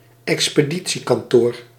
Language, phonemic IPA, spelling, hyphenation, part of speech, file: Dutch, /ɛks.pəˈdi.(t)si.kɑnˌtoːr/, expeditiekantoor, ex‧pe‧di‧tie‧kan‧toor, noun, Nl-expeditiekantoor.ogg
- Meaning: shipping office